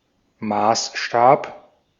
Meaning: 1. measuring rod, yardstick, rule 2. scale (of a map, model) 3. measure, standard, criterion, yardstick
- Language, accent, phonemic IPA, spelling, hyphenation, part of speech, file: German, Austria, /ˈmaːsˌʃtaːp/, Maßstab, Maß‧stab, noun, De-at-Maßstab.ogg